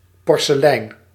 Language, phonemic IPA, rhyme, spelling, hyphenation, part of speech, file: Dutch, /ˌpɔr.səˈlɛi̯n/, -ɛi̯n, porselein, por‧se‧lein, noun, Nl-porselein.ogg
- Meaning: 1. the hard, translucent ceramic porcelain 2. a piece or set made of that material